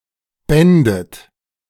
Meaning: second-person plural subjunctive II of binden
- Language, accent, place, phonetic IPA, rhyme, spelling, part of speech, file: German, Germany, Berlin, [ˈbɛndət], -ɛndət, bändet, verb, De-bändet.ogg